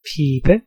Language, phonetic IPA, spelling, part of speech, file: Danish, [ˈpʰiːb̥ə], pibe, noun, Da-pibe.ogg
- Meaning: 1. pipe (for smoking) 2. a fife, pipe (musical instrument)